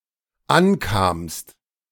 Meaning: second-person singular dependent preterite of ankommen
- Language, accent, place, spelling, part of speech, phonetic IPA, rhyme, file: German, Germany, Berlin, ankamst, verb, [ˈanˌkaːmst], -ankaːmst, De-ankamst.ogg